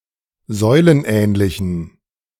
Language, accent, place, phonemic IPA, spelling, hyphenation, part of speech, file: German, Germany, Berlin, /ˈzɔɪ̯lənˌʔɛːnlɪçn̩/, säulenähnlichen, säu‧len‧ähn‧li‧chen, adjective, De-säulenähnlichen.ogg
- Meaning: inflection of säulenähnlich: 1. strong genitive masculine/neuter singular 2. weak/mixed genitive/dative all-gender singular 3. strong/weak/mixed accusative masculine singular 4. strong dative plural